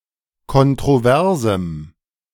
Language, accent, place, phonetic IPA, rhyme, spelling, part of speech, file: German, Germany, Berlin, [kɔntʁoˈvɛʁzm̩], -ɛʁzm̩, kontroversem, adjective, De-kontroversem.ogg
- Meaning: strong dative masculine/neuter singular of kontrovers